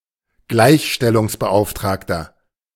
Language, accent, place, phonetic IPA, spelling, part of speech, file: German, Germany, Berlin, [ˈɡlaɪ̯çʃtɛlʊŋsbəˌʔaʊ̯ftʁaːktɐ], Gleichstellungsbeauftragter, noun, De-Gleichstellungsbeauftragter.ogg
- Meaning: male commissioner for equality; man charged with ensuring that people are treated equally (especially, one charged with ensuring that men and women are treated equally)